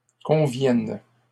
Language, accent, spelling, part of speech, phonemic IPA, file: French, Canada, conviennent, verb, /kɔ̃.vjɛn/, LL-Q150 (fra)-conviennent.wav
- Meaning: third-person plural present indicative/subjunctive of convenir